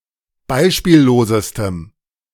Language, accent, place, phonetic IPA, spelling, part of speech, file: German, Germany, Berlin, [ˈbaɪ̯ʃpiːlloːzəstəm], beispiellosestem, adjective, De-beispiellosestem.ogg
- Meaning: strong dative masculine/neuter singular superlative degree of beispiellos